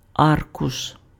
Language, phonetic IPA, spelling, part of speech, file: Ukrainian, [ˈarkʊʃ], аркуш, noun, Uk-аркуш.ogg
- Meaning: sheet, leaf